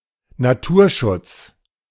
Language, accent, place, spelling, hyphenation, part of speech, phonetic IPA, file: German, Germany, Berlin, Naturschutz, Na‧tur‧schutz, noun, [naˈtuːɐ̯ˌʃʊts], De-Naturschutz.ogg
- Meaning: conservation